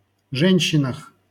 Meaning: prepositional plural of же́нщина (žénščina)
- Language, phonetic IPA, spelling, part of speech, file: Russian, [ˈʐɛnʲɕːɪnəx], женщинах, noun, LL-Q7737 (rus)-женщинах.wav